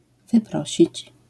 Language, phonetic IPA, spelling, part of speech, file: Polish, [vɨˈprɔɕit͡ɕ], wyprosić, verb, LL-Q809 (pol)-wyprosić.wav